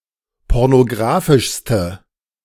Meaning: inflection of pornografisch: 1. strong/mixed nominative/accusative feminine singular superlative degree 2. strong nominative/accusative plural superlative degree
- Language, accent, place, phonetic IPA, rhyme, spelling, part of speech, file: German, Germany, Berlin, [ˌpɔʁnoˈɡʁaːfɪʃstə], -aːfɪʃstə, pornografischste, adjective, De-pornografischste.ogg